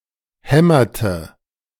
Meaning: inflection of hämmern: 1. first/third-person singular preterite 2. first/third-person singular subjunctive II
- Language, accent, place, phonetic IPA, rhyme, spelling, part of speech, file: German, Germany, Berlin, [ˈhɛmɐtə], -ɛmɐtə, hämmerte, verb, De-hämmerte.ogg